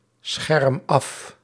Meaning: inflection of afschermen: 1. first-person singular present indicative 2. second-person singular present indicative 3. imperative
- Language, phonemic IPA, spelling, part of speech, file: Dutch, /ˈsxɛrᵊm ˈɑf/, scherm af, verb, Nl-scherm af.ogg